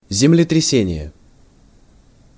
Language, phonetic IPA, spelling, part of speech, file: Russian, [zʲɪmlʲɪtrʲɪˈsʲenʲɪje], землетрясение, noun, Ru-землетрясение.ogg
- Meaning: earthquake